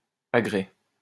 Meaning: 1. rigging, gear (of a ship) 2. apparatus 3. harnesses, riggings or fittings for a horse 4. agricultural equipment
- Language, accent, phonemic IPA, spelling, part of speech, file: French, France, /a.ɡʁɛ/, agrès, noun, LL-Q150 (fra)-agrès.wav